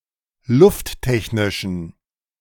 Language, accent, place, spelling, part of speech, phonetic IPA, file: German, Germany, Berlin, lufttechnischen, adjective, [ˈlʊftˌtɛçnɪʃn̩], De-lufttechnischen.ogg
- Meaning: inflection of lufttechnisch: 1. strong genitive masculine/neuter singular 2. weak/mixed genitive/dative all-gender singular 3. strong/weak/mixed accusative masculine singular 4. strong dative plural